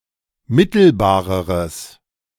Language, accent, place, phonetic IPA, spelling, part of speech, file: German, Germany, Berlin, [ˈmɪtl̩baːʁəʁəs], mittelbareres, adjective, De-mittelbareres.ogg
- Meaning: strong/mixed nominative/accusative neuter singular comparative degree of mittelbar